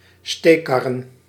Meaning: plural of steekkar
- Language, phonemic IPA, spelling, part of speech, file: Dutch, /ˈstekɑrə(n)/, steekkarren, noun, Nl-steekkarren.ogg